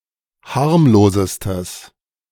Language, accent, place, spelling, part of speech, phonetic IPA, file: German, Germany, Berlin, harmlosestes, adjective, [ˈhaʁmloːzəstəs], De-harmlosestes.ogg
- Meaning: strong/mixed nominative/accusative neuter singular superlative degree of harmlos